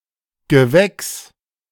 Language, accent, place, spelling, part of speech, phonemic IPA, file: German, Germany, Berlin, Gewächs, noun, /ɡəˈvɛks/, De-Gewächs.ogg
- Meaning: 1. plant 2. a person who has been raised in a given region or educated in a given institution, especially a young talent 3. ulcer, tumor